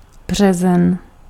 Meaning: March
- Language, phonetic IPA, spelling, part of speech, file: Czech, [ˈbr̝ɛzɛn], březen, noun, Cs-březen.ogg